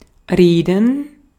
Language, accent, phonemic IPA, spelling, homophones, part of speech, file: German, Austria, /ˈʁeːdən/, reden, Reden / Reeden, verb, De-at-reden.ogg
- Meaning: 1. to talk, to speak, to orate 2. to talk, to reveal (something secret) 3. to say, to speak